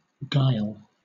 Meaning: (noun) 1. Astuteness often marked by a certain sense of cunning or artful deception 2. Deceptiveness, deceit, fraud, duplicity, dishonesty; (verb) To deceive, beguile, bewile
- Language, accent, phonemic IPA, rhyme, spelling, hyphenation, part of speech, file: English, Southern England, /ɡaɪl/, -aɪl, guile, guile, noun / verb, LL-Q1860 (eng)-guile.wav